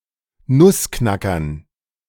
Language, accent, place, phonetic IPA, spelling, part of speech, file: German, Germany, Berlin, [ˈnʊsˌknakɐn], Nussknackern, noun, De-Nussknackern.ogg
- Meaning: dative plural of Nussknacker